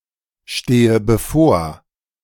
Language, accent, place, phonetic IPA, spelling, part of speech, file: German, Germany, Berlin, [ˌʃteːə bəˈfoːɐ̯], stehe bevor, verb, De-stehe bevor.ogg
- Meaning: inflection of bevorstehen: 1. first-person singular present 2. first/third-person singular subjunctive I 3. singular imperative